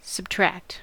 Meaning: To remove or reduce; especially to reduce a quantity or number
- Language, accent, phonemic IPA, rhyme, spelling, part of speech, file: English, US, /səbˈtɹækt/, -ækt, subtract, verb, En-us-subtract.ogg